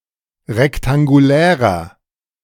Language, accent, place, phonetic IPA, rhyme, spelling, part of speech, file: German, Germany, Berlin, [ʁɛktaŋɡuˈlɛːʁɐ], -ɛːʁɐ, rektangulärer, adjective, De-rektangulärer.ogg
- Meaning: inflection of rektangulär: 1. strong/mixed nominative masculine singular 2. strong genitive/dative feminine singular 3. strong genitive plural